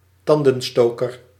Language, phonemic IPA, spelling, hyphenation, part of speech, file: Dutch, /ˈtɑndə(n)ˌstoːkər/, tandenstoker, tan‧den‧sto‧ker, noun, Nl-tandenstoker.ogg
- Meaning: toothpick